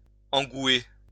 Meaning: 1. to become passionate or infatuated 2. to block the gullet when swallowing; to choke
- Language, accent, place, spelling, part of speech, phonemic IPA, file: French, France, Lyon, engouer, verb, /ɑ̃.ɡwe/, LL-Q150 (fra)-engouer.wav